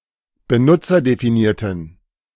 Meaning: inflection of benutzerdefiniert: 1. strong genitive masculine/neuter singular 2. weak/mixed genitive/dative all-gender singular 3. strong/weak/mixed accusative masculine singular
- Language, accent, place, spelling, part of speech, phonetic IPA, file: German, Germany, Berlin, benutzerdefinierten, adjective, [bəˈnʊt͡sɐdefiˌniːɐ̯tən], De-benutzerdefinierten.ogg